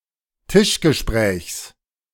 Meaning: genitive singular of Tischgespräch
- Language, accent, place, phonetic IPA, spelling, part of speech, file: German, Germany, Berlin, [ˈtɪʃɡəˌʃpʁɛːçs], Tischgesprächs, noun, De-Tischgesprächs.ogg